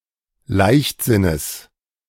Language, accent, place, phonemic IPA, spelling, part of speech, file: German, Germany, Berlin, /ˈlaɪ̯çtˌzɪnəs/, Leichtsinnes, noun, De-Leichtsinnes.ogg
- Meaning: genitive singular of Leichtsinn